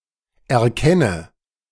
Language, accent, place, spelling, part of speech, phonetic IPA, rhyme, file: German, Germany, Berlin, erkenne, verb, [ɛɐ̯ˈkɛnə], -ɛnə, De-erkenne.ogg
- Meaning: inflection of erkennen: 1. first-person singular present 2. first/third-person singular subjunctive I 3. singular imperative